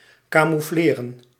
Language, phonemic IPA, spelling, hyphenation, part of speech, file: Dutch, /ˌkaːmuˈfleːrə(n)/, camoufleren, ca‧mou‧fle‧ren, verb, Nl-camoufleren.ogg
- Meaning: to camouflage, to hide, to disguise